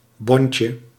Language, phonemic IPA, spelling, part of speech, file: Dutch, /ˈbɔɲcə/, bontje, noun, Nl-bontje.ogg
- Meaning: diminutive of bont